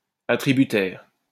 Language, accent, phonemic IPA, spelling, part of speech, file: French, France, /a.tʁi.by.tɛʁ/, attributaire, noun, LL-Q150 (fra)-attributaire.wav
- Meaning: 1. grantee 2. awardee